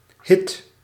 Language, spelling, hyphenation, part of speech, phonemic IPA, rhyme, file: Dutch, hit, hit, noun, /ɦɪt/, -ɪt, Nl-hit.ogg
- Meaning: 1. a hit song, a very popular and successful song 2. a success, something popular and successful (especially in the entertainment industry) 3. a Shetland pony 4. any pony or small horse